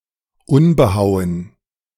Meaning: unhewn
- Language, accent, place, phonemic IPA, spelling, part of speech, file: German, Germany, Berlin, /ˈʊnbəˌhaʊ̯ən/, unbehauen, adjective, De-unbehauen.ogg